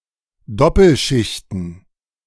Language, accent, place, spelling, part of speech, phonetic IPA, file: German, Germany, Berlin, Doppelschichten, noun, [ˈdɔpl̩ˌʃɪçtn̩], De-Doppelschichten.ogg
- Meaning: plural of Doppelschicht